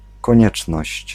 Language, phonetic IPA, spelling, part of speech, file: Polish, [kɔ̃ˈɲɛt͡ʃnɔɕt͡ɕ], konieczność, noun, Pl-konieczność.ogg